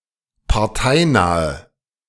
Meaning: inflection of parteinah: 1. strong/mixed nominative/accusative feminine singular 2. strong nominative/accusative plural 3. weak nominative all-gender singular
- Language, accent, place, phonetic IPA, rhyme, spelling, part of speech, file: German, Germany, Berlin, [paʁˈtaɪ̯ˌnaːə], -aɪ̯naːə, parteinahe, adjective, De-parteinahe.ogg